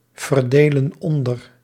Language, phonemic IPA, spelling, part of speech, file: Dutch, /vərˈdelə(n) ˈɔndər/, verdelen onder, verb, Nl-verdelen onder.ogg
- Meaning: inflection of onderverdelen: 1. plural present indicative 2. plural present subjunctive